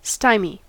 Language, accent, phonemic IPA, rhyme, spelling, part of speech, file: English, US, /ˈstaɪmi/, -aɪmi, stymie, noun / verb, En-us-stymie.ogg
- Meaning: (noun) 1. A situation where an opponent's ball is directly in the way of one's own ball and the hole, on the putting green (abolished 1952) 2. An obstacle or obstruction